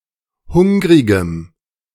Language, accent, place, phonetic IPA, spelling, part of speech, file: German, Germany, Berlin, [ˈhʊŋʁɪɡəm], hungrigem, adjective, De-hungrigem.ogg
- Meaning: strong dative masculine/neuter singular of hungrig